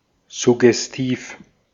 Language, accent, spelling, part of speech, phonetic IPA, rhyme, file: German, Austria, suggestiv, adjective, [zʊɡɛsˈtiːf], -iːf, De-at-suggestiv.ogg
- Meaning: suggestive